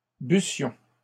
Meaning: first-person plural imperfect subjunctive of boire
- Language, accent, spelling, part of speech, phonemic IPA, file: French, Canada, bussions, verb, /by.sjɔ̃/, LL-Q150 (fra)-bussions.wav